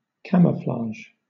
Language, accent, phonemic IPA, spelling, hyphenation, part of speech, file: English, Southern England, /ˈkæ.məˌflɑːʒ/, camouflage, cam‧ou‧flage, noun / verb, LL-Q1860 (eng)-camouflage.wav
- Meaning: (noun) 1. A disguise or covering up 2. The act of disguising